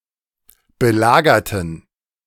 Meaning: inflection of belagern: 1. first/third-person plural preterite 2. first/third-person plural subjunctive II
- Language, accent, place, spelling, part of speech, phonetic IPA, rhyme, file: German, Germany, Berlin, belagerten, adjective / verb, [bəˈlaːɡɐtn̩], -aːɡɐtn̩, De-belagerten.ogg